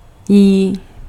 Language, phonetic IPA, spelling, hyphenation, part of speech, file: Czech, [ˈjiː], jí, jí, pronoun / verb, Cs-jí.ogg
- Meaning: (pronoun) genitive/dative/instrumental of ona; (verb) 1. third-person singular of jíst 2. third-person plural of jíst